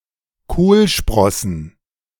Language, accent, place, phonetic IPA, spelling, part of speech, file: German, Germany, Berlin, [ˈkoːlˌʃpʁɔsn̩], Kohlsprossen, noun, De-Kohlsprossen.ogg
- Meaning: plural of Kohlsprosse